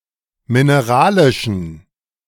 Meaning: inflection of mineralisch: 1. strong genitive masculine/neuter singular 2. weak/mixed genitive/dative all-gender singular 3. strong/weak/mixed accusative masculine singular 4. strong dative plural
- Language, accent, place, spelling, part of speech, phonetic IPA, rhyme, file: German, Germany, Berlin, mineralischen, adjective, [mɪneˈʁaːlɪʃn̩], -aːlɪʃn̩, De-mineralischen.ogg